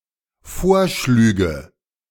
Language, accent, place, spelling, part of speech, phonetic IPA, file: German, Germany, Berlin, vorschlüge, verb, [ˈfoːɐ̯ˌʃlyːɡə], De-vorschlüge.ogg
- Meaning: first/third-person singular dependent subjunctive II of vorschlagen